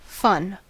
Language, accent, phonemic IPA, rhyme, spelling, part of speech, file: English, US, /fʌn/, -ʌn, fun, noun / adjective / verb, En-us-fun.ogg
- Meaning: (noun) 1. Amusement, enjoyment or pleasure 2. Playful, often noisy, activity; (adjective) 1. Enjoyable or amusing 2. Whimsical or flamboyant; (verb) To tease, kid, poke fun at, make fun of